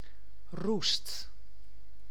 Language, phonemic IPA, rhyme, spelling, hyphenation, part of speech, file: Dutch, /rust/, -ust, roest, roest, noun / verb, Nl-roest.ogg
- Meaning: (noun) 1. rust (result of oxidation) 2. rust (disease of plants caused by a reddish-brown fungus); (verb) inflection of roesten: 1. first/second/third-person singular present indicative 2. imperative